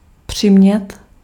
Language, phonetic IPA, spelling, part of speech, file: Czech, [ˈpr̝̊ɪmɲɛt], přimět, verb, Cs-přimět.ogg
- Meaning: to make (somebody do something), force (somebody to do something)